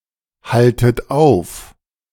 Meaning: inflection of aufhalten: 1. second-person plural present 2. second-person plural subjunctive I 3. plural imperative
- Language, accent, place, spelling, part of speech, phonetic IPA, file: German, Germany, Berlin, haltet auf, verb, [ˌhaltət ˈaʊ̯f], De-haltet auf.ogg